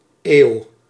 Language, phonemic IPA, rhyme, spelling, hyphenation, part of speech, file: Dutch, /eːu̯/, -eːu̯, eeuw, eeuw, noun, Nl-eeuw.ogg
- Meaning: 1. a century, 100 years 2. many years, a very long time; far too long, (an) eternity